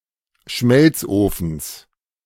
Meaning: genitive singular of Schmelzofen
- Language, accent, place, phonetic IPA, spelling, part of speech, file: German, Germany, Berlin, [ˈʃmɛlt͡sˌʔoːfn̩s], Schmelzofens, noun, De-Schmelzofens.ogg